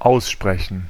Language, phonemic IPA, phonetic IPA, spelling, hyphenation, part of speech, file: German, /ˈaʊ̯sˌʃprɛçən/, [ˈʔäo̯(s)ˌʃpʁɛçn̩], aussprechen, aus‧spre‧chen, verb, De-aussprechen.ogg
- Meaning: 1. to pronounce (sound a word, give it a pronunciation) 2. to be pronounced; to have a certain pronunciation 3. to pronounce (e.g. a verdict; but not used as freely as in English)